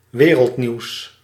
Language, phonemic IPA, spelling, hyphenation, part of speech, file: Dutch, /ˈʋeː.rəltˌniu̯s/, wereldnieuws, we‧reld‧nieuws, noun, Nl-wereldnieuws.ogg
- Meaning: global news, news from all over the world or globally important new